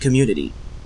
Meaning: 1. A group sharing common characteristics, such as the same language, law, religion, or tradition 2. A residential or religious collective; a commune
- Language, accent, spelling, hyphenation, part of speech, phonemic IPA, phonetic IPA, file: English, Canada, community, com‧mun‧i‧ty, noun, /k(ə)ˈmju.nə.ti/, [k(ə)ˈmju.nə.ɾi], En-ca-community.ogg